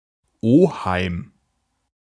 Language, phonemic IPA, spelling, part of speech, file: German, /ˈoːhaɪ̯m/, Oheim, noun, De-Oheim.ogg
- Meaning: 1. uncle 2. maternal uncle; brother or brother-in-law of one’s mother